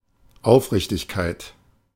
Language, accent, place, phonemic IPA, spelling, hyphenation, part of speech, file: German, Germany, Berlin, /ˈaʊ̯fˌʁɪçtɪçkaɪ̯t/, Aufrichtigkeit, Auf‧rich‧tig‧keit, noun, De-Aufrichtigkeit.ogg
- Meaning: sincerity